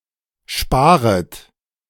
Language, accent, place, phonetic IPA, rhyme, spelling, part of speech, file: German, Germany, Berlin, [ˈʃpaːʁət], -aːʁət, sparet, verb, De-sparet.ogg
- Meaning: second-person plural subjunctive I of sparen